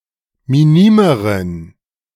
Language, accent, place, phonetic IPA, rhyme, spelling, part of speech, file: German, Germany, Berlin, [miˈniːməʁən], -iːməʁən, minimeren, adjective, De-minimeren.ogg
- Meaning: inflection of minim: 1. strong genitive masculine/neuter singular comparative degree 2. weak/mixed genitive/dative all-gender singular comparative degree